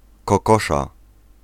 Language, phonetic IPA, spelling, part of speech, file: Polish, [kɔˈkɔʃa], kokosza, noun / adjective, Pl-kokosza.ogg